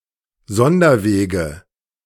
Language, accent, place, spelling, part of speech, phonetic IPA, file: German, Germany, Berlin, Sonderwege, noun, [ˈzɔndɐˌveːɡə], De-Sonderwege.ogg
- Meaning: nominative/accusative/genitive plural of Sonderweg